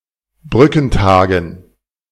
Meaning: plural of Brückentag
- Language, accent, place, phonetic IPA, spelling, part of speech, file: German, Germany, Berlin, [ˈbʁʏkn̩ˌtaːɡn̩], Brückentagen, noun, De-Brückentagen.ogg